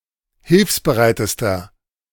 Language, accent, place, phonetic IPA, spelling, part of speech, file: German, Germany, Berlin, [ˈhɪlfsbəˌʁaɪ̯təstɐ], hilfsbereitester, adjective, De-hilfsbereitester.ogg
- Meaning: inflection of hilfsbereit: 1. strong/mixed nominative masculine singular superlative degree 2. strong genitive/dative feminine singular superlative degree 3. strong genitive plural superlative degree